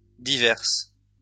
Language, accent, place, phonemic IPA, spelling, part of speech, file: French, France, Lyon, /di.vɛʁs/, diverses, adjective, LL-Q150 (fra)-diverses.wav
- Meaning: feminine plural of divers